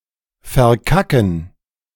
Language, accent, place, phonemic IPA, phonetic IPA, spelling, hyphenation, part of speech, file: German, Germany, Berlin, /fɛʁˈkakən/, [fɛɐ̯ˈkʰakŋ], verkacken, ver‧ka‧cken, verb, De-verkacken.ogg
- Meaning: to fuck up, dick up, mess up, bungle, botch, fail